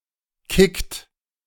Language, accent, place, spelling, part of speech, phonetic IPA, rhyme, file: German, Germany, Berlin, kickt, verb, [kɪkt], -ɪkt, De-kickt.ogg
- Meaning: inflection of kicken: 1. second-person plural present 2. third-person singular present 3. plural imperative